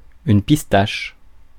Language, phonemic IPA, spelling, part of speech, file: French, /pis.taʃ/, pistache, noun, Fr-pistache.ogg
- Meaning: 1. pistachio (nut) 2. peanut